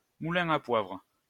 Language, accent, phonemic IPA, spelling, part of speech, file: French, France, /mu.lɛ̃ a pwavʁ/, moulin à poivre, noun, LL-Q150 (fra)-moulin à poivre.wav
- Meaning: pepper mill